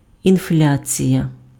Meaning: 1. inflation (increase in the quantity of money, leading to a devaluation of existing money) 2. inflation
- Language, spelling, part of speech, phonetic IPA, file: Ukrainian, інфляція, noun, [inˈflʲat͡sʲijɐ], Uk-інфляція.ogg